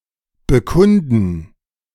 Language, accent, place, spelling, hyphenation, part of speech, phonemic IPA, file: German, Germany, Berlin, bekunden, be‧kun‧den, verb, /bəˈkʊndən/, De-bekunden.ogg
- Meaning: 1. to prove, show, evince 2. to state, express, testify